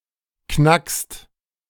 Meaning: second-person singular present of knacken
- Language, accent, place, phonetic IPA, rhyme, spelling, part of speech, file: German, Germany, Berlin, [knakst], -akst, knackst, verb, De-knackst.ogg